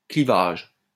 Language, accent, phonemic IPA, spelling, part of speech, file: French, France, /kli.vaʒ/, clivage, noun, LL-Q150 (fra)-clivage.wav
- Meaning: 1. cleavage 2. separation, dissociation 3. deep divide between two entities, chasm